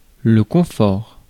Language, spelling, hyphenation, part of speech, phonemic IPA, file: French, confort, con‧fort, noun, /kɔ̃.fɔʁ/, Fr-confort.ogg
- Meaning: comfort